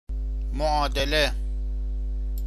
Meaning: equation (assertion)
- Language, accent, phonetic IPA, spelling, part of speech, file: Persian, Iran, [mo.ʔɒː.d̪e.le], معادله, noun, Fa-معادله.ogg